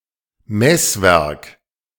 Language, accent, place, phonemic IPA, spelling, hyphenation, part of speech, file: German, Germany, Berlin, /ˈmɛsˌvɛʁk/, Messwerk, Mess‧werk, noun, De-Messwerk.ogg
- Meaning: The core part of a measuring device that shows the result in a mechanical way, for example by moving a pointer